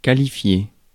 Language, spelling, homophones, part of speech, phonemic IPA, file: French, qualifier, qualifiai / qualifié / qualifiée / qualifiées / qualifiés / qualifiez, verb, /ka.li.fje/, Fr-qualifier.ogg
- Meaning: 1. to qualify (of a sports team, etc.) (to compete successfully in some stage of a competition and become eligible for the next stage) 2. to characterize, to consider 3. to call, to label